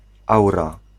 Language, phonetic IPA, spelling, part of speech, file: Polish, [ˈawra], aura, noun, Pl-aura.ogg